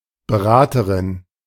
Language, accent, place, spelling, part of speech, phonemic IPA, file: German, Germany, Berlin, Beraterin, noun, /bəˈʁaːtəʁɪn/, De-Beraterin.ogg
- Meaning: female equivalent of Berater